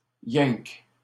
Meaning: only, just
- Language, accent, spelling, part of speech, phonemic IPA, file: French, Canada, yinque, adverb, /jɛ̃k/, LL-Q150 (fra)-yinque.wav